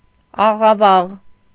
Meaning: distorted, deformed
- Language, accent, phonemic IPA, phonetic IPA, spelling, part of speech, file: Armenian, Eastern Armenian, /ɑʁɑˈvɑʁ/, [ɑʁɑvɑ́ʁ], աղավաղ, adjective, Hy-աղավաղ.ogg